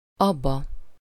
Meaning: illative singular of az (pointing at the inside of an object that is farther away from the speaker)
- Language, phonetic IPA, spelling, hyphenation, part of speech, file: Hungarian, [ˈɒbːɒ], abba, ab‧ba, pronoun, Hu-abba.ogg